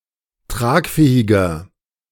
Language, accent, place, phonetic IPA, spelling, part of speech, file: German, Germany, Berlin, [ˈtʁaːkˌfɛːɪɡɐ], tragfähiger, adjective, De-tragfähiger.ogg
- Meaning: 1. comparative degree of tragfähig 2. inflection of tragfähig: strong/mixed nominative masculine singular 3. inflection of tragfähig: strong genitive/dative feminine singular